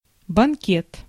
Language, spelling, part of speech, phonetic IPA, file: Russian, банкет, noun, [bɐnˈkʲet], Ru-банкет.ogg
- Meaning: banquet